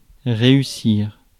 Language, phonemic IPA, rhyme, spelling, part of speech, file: French, /ʁe.y.siʁ/, -iʁ, réussir, verb, Fr-réussir.ogg
- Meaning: 1. to manage to do something 2. to pass (a test); to succeed at something